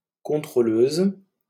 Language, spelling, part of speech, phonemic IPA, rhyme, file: French, contrôleuse, noun, /kɔ̃.tʁo.løz/, -øz, LL-Q150 (fra)-contrôleuse.wav
- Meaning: female equivalent of contrôleur